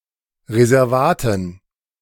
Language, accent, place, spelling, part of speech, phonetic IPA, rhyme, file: German, Germany, Berlin, Reservaten, noun, [ʁezɛʁˈvaːtn̩], -aːtn̩, De-Reservaten.ogg
- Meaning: dative plural of Reservat